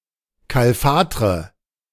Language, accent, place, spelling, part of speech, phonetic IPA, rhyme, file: German, Germany, Berlin, kalfatre, verb, [ˌkalˈfaːtʁə], -aːtʁə, De-kalfatre.ogg
- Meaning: inflection of kalfatern: 1. first-person singular present 2. first/third-person singular subjunctive I 3. singular imperative